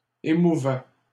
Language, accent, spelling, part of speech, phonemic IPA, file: French, Canada, émouvait, verb, /e.mu.vɛ/, LL-Q150 (fra)-émouvait.wav
- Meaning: third-person singular imperfect indicative of émouvoir